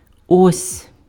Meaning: here (is), this (is), there (is), that (is)
- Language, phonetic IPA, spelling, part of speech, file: Ukrainian, [ɔsʲ], ось, particle, Uk-ось.ogg